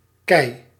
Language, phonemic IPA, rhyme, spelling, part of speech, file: Dutch, /kɛi̯/, -ɛi̯, kei, noun, Nl-kei.ogg
- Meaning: 1. cobble, cobblestone 2. pebble 3. boulder 4. someone who's an expert at something, whiz